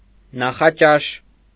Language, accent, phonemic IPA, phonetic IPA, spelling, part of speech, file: Armenian, Eastern Armenian, /nɑχɑˈt͡ʃɑʃ/, [nɑχɑt͡ʃɑ́ʃ], նախաճաշ, noun, Hy-նախաճաշ.ogg
- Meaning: breakfast